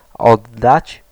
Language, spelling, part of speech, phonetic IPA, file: Polish, oddać, verb, [ˈɔdːat͡ɕ], Pl-oddać.ogg